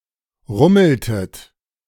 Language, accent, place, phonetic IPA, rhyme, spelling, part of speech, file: German, Germany, Berlin, [ˈʁʊml̩tət], -ʊml̩tət, rummeltet, verb, De-rummeltet.ogg
- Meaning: inflection of rummeln: 1. second-person plural preterite 2. second-person plural subjunctive II